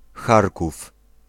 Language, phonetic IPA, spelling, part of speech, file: Polish, [ˈxarkuf], Charków, proper noun, Pl-Charków.ogg